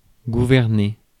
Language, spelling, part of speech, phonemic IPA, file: French, gouverner, verb, /ɡu.vɛʁ.ne/, Fr-gouverner.ogg
- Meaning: 1. to govern 2. to steer